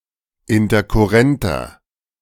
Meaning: inflection of interkurrent: 1. strong/mixed nominative masculine singular 2. strong genitive/dative feminine singular 3. strong genitive plural
- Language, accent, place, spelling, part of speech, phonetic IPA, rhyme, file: German, Germany, Berlin, interkurrenter, adjective, [ɪntɐkʊˈʁɛntɐ], -ɛntɐ, De-interkurrenter.ogg